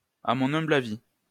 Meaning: IMHO
- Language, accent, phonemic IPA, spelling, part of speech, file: French, France, /a mɔ̃.n‿œ̃.bl‿a.vi/, àmha, adverb, LL-Q150 (fra)-àmha.wav